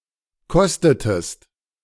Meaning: inflection of kosten: 1. second-person singular preterite 2. second-person singular subjunctive II
- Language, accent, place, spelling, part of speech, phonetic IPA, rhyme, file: German, Germany, Berlin, kostetest, verb, [ˈkɔstətəst], -ɔstətəst, De-kostetest.ogg